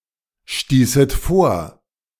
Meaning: second-person plural subjunctive II of vorstoßen
- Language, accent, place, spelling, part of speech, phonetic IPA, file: German, Germany, Berlin, stießet vor, verb, [ˌʃtiːsət ˈfoːɐ̯], De-stießet vor.ogg